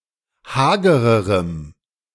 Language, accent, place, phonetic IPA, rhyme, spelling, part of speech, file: German, Germany, Berlin, [ˈhaːɡəʁəʁəm], -aːɡəʁəʁəm, hagererem, adjective, De-hagererem.ogg
- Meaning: strong dative masculine/neuter singular comparative degree of hager